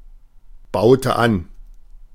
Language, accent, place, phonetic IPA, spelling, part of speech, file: German, Germany, Berlin, [ˌbaʊ̯tə ˈan], baute an, verb, De-baute an.ogg
- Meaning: inflection of anbauen: 1. first/third-person singular preterite 2. first/third-person singular subjunctive II